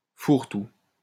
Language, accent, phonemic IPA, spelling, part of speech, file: French, France, /fuʁ.tu/, fourre-tout, noun, LL-Q150 (fra)-fourre-tout.wav
- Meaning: 1. catch-all 2. ragbag, hodgepodge 3. holdall (UK), carryall (US)